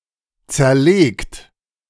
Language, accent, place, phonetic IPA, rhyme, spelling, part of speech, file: German, Germany, Berlin, [ˌt͡sɛɐ̯ˈleːkt], -eːkt, zerlegt, verb, De-zerlegt.ogg
- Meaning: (verb) past participle of zerlegen; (adjective) 1. disassembled 2. fragmented 3. analyzed / analysed 4. decomposed